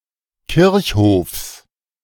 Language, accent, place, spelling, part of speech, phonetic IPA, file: German, Germany, Berlin, Kirchhofs, noun, [ˈkɪʁçˌhoːfs], De-Kirchhofs.ogg
- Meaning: genitive of Kirchhof